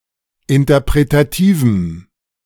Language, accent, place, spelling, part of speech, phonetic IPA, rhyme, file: German, Germany, Berlin, interpretativem, adjective, [ɪntɐpʁetaˈtiːvm̩], -iːvm̩, De-interpretativem.ogg
- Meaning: strong dative masculine/neuter singular of interpretativ